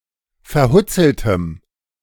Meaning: strong dative masculine/neuter singular of verhutzelt
- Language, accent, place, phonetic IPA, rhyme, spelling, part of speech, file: German, Germany, Berlin, [fɛɐ̯ˈhʊt͡sl̩təm], -ʊt͡sl̩təm, verhutzeltem, adjective, De-verhutzeltem.ogg